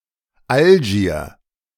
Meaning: Algiers (the capital city of Algeria)
- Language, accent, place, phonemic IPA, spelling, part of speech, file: German, Germany, Berlin, /ˈalʒiːr/, Algier, proper noun, De-Algier.ogg